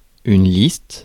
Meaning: list
- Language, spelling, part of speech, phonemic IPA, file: French, liste, noun, /list/, Fr-liste.ogg